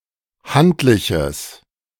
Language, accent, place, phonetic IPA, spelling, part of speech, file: German, Germany, Berlin, [ˈhantlɪçəs], handliches, adjective, De-handliches.ogg
- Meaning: strong/mixed nominative/accusative neuter singular of handlich